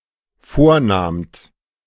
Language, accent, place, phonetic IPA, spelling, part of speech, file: German, Germany, Berlin, [ˈfoːɐ̯ˌnaːmt], vornahmt, verb, De-vornahmt.ogg
- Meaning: second-person plural dependent preterite of vornehmen